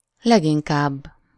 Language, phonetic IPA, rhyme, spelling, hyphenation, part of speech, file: Hungarian, [ˈlɛɡiŋkaːbː], -aːbː, leginkább, leg‧in‧kább, adverb, Hu-leginkább.ogg
- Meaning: most, mostly, principally, chiefly